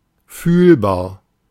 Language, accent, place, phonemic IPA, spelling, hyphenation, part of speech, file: German, Germany, Berlin, /ˈfyːlbaːɐ̯/, fühlbar, fühl‧bar, adjective, De-fühlbar.ogg
- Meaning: noticeable, perceptible